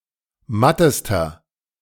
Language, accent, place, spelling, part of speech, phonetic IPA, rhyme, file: German, Germany, Berlin, mattester, adjective, [ˈmatəstɐ], -atəstɐ, De-mattester.ogg
- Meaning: inflection of matt: 1. strong/mixed nominative masculine singular superlative degree 2. strong genitive/dative feminine singular superlative degree 3. strong genitive plural superlative degree